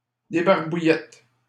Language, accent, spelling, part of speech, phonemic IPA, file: French, Canada, débarbouillette, noun, /de.baʁ.bu.jɛt/, LL-Q150 (fra)-débarbouillette.wav
- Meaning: facecloth